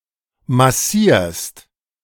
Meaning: second-person singular present of massieren
- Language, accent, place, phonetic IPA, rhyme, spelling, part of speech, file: German, Germany, Berlin, [maˈsiːɐ̯st], -iːɐ̯st, massierst, verb, De-massierst.ogg